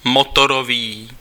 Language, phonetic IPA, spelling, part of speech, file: Czech, [ˈmotoroviː], motorový, adjective, Cs-motorový.ogg
- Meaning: engine, motor (device to convert energy into useful mechanical motion)